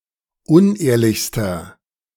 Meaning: inflection of unehrlich: 1. strong/mixed nominative masculine singular superlative degree 2. strong genitive/dative feminine singular superlative degree 3. strong genitive plural superlative degree
- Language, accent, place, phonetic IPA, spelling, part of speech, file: German, Germany, Berlin, [ˈʊnˌʔeːɐ̯lɪçstɐ], unehrlichster, adjective, De-unehrlichster.ogg